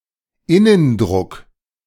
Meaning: internal pressure
- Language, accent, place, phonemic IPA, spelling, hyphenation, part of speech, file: German, Germany, Berlin, /ˈɪnənˌdʁʊk/, Innendruck, In‧nen‧druck, noun, De-Innendruck.ogg